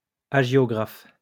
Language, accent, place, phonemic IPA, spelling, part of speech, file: French, France, Lyon, /a.ʒjɔ.ɡʁaf/, hagiographe, noun, LL-Q150 (fra)-hagiographe.wav
- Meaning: hagiographer